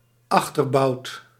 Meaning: back haunch, hind haunch (hindmost leg of an animal as food)
- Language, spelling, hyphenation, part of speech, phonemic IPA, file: Dutch, achterbout, ach‧ter‧bout, noun, /ˈɑx.tərˌbɑu̯t/, Nl-achterbout.ogg